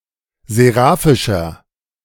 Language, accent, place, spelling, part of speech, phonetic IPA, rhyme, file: German, Germany, Berlin, seraphischer, adjective, [zeˈʁaːfɪʃɐ], -aːfɪʃɐ, De-seraphischer.ogg
- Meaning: inflection of seraphisch: 1. strong/mixed nominative masculine singular 2. strong genitive/dative feminine singular 3. strong genitive plural